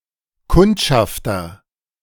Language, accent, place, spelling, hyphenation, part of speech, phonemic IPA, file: German, Germany, Berlin, Kundschafter, Kund‧schaf‧ter, noun, /ˈkʊnt.ʃaf.tɐ/, De-Kundschafter.ogg
- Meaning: agent noun of kundschaften; scout